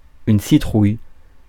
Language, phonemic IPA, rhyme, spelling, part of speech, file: French, /si.tʁuj/, -uj, citrouille, noun / adjective, Fr-citrouille.ogg
- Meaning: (noun) pumpkin (fruit and plant); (adjective) pumpkin, pumpkin-colored (color/colour)